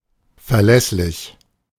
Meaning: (adjective) reliable; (adverb) reliably
- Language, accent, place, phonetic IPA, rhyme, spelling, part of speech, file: German, Germany, Berlin, [fɛɐ̯ˈlɛslɪç], -ɛslɪç, verlässlich, adjective, De-verlässlich.ogg